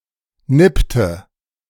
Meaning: inflection of nippen: 1. first/third-person singular preterite 2. first/third-person singular subjunctive II
- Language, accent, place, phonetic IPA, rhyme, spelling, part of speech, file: German, Germany, Berlin, [ˈnɪptə], -ɪptə, nippte, verb, De-nippte.ogg